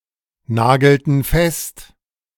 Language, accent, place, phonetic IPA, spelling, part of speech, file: German, Germany, Berlin, [ˌnaːɡl̩tn̩ ˈfɛst], nagelten fest, verb, De-nagelten fest.ogg
- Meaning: inflection of festnageln: 1. first/third-person plural preterite 2. first/third-person plural subjunctive II